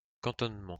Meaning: 1. billet; billeting 2. cantonment
- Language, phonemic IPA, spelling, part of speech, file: French, /kɑ̃.tɔn.mɑ̃/, cantonnement, noun, LL-Q150 (fra)-cantonnement.wav